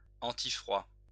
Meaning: anticold (preventing the effects of cold weather)
- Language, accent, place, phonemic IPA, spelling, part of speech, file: French, France, Lyon, /ɑ̃.ti.fʁwa/, antifroid, adjective, LL-Q150 (fra)-antifroid.wav